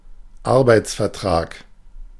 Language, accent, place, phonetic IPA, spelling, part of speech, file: German, Germany, Berlin, [ˈaʁbaɪ̯t͡sfɛɐ̯ˌtʁaːk], Arbeitsvertrag, noun, De-Arbeitsvertrag.ogg
- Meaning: employment contract